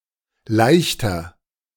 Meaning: lighter; barge
- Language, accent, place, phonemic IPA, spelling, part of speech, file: German, Germany, Berlin, /ˈlaɪ̯çtɐ/, Leichter, noun, De-Leichter.ogg